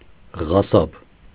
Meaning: 1. butcher 2. butcher, brutal or indiscriminate killer
- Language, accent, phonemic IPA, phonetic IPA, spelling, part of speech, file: Armenian, Eastern Armenian, /ʁɑˈsɑb/, [ʁɑsɑ́b], ղասաբ, noun, Hy-ղասաբ.ogg